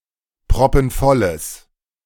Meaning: strong/mixed nominative/accusative neuter singular of proppenvoll
- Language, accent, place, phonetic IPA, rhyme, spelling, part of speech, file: German, Germany, Berlin, [pʁɔpn̩ˈfɔləs], -ɔləs, proppenvolles, adjective, De-proppenvolles.ogg